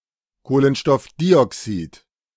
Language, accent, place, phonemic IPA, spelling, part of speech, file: German, Germany, Berlin, /ˌkoːlənʃtɔfˈdiːɔksiːt/, Kohlenstoffdioxid, noun, De-Kohlenstoffdioxid.ogg
- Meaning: carbon dioxide